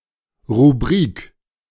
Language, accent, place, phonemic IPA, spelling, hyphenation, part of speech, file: German, Germany, Berlin, /ʁuˈbʁiːk/, Rubrik, Ru‧brik, noun, De-Rubrik.ogg
- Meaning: 1. column (of newspaper) 2. category 3. rubric